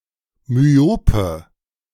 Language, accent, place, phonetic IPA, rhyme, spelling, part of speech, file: German, Germany, Berlin, [myˈoːpə], -oːpə, myope, adjective, De-myope.ogg
- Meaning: inflection of myop: 1. strong/mixed nominative/accusative feminine singular 2. strong nominative/accusative plural 3. weak nominative all-gender singular 4. weak accusative feminine/neuter singular